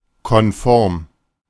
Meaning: 1. compliant 2. conformal
- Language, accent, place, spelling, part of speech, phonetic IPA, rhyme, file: German, Germany, Berlin, konform, adjective, [kɔnˈfɔʁm], -ɔʁm, De-konform.ogg